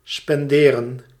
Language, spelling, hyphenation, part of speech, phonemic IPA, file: Dutch, spenderen, spen‧de‧ren, verb, /ˌspɛnˈdeː.rə(n)/, Nl-spenderen.ogg
- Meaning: 1. to spend (of money) 2. to spend (of time)